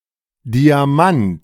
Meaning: 1. diamond (allotrope of carbon) 2. diamond (gemstone) 3. A small size of type, standardized as 4 point
- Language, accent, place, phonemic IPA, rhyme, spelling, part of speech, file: German, Germany, Berlin, /diaˈmant/, -ant, Diamant, noun, De-Diamant.ogg